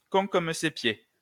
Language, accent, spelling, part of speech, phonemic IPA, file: French, France, con comme ses pieds, adjective, /kɔ̃ kɔm se pje/, LL-Q150 (fra)-con comme ses pieds.wav
- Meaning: alternative form of bête comme ses pieds